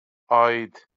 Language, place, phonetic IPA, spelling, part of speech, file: Azerbaijani, Baku, [ɑːˈjit], aid, postposition, LL-Q9292 (aze)-aid.wav
- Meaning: 1. related to, relating to, having to do with 2. concerning, about